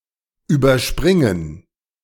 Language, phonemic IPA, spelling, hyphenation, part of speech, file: German, /ˌyːbɐˈʃpʁɪŋən/, überspringen, über‧sprin‧gen, verb, De-überspringen.ogg
- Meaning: 1. to jump over 2. to skip